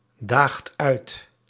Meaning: inflection of uitdagen: 1. second/third-person singular present indicative 2. plural imperative
- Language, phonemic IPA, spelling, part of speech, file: Dutch, /ˈdaxt ˈœyt/, daagt uit, verb, Nl-daagt uit.ogg